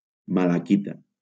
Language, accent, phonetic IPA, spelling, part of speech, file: Catalan, Valencia, [ma.laˈki.ta], malaquita, noun, LL-Q7026 (cat)-malaquita.wav
- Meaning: malachite (bright green mineral)